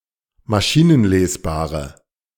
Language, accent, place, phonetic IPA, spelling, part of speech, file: German, Germany, Berlin, [maˈʃiːnənˌleːsbaːʁə], maschinenlesbare, adjective, De-maschinenlesbare.ogg
- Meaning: inflection of maschinenlesbar: 1. strong/mixed nominative/accusative feminine singular 2. strong nominative/accusative plural 3. weak nominative all-gender singular